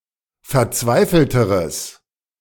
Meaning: strong/mixed nominative/accusative neuter singular comparative degree of verzweifelt
- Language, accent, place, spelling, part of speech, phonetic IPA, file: German, Germany, Berlin, verzweifelteres, adjective, [fɛɐ̯ˈt͡svaɪ̯fl̩təʁəs], De-verzweifelteres.ogg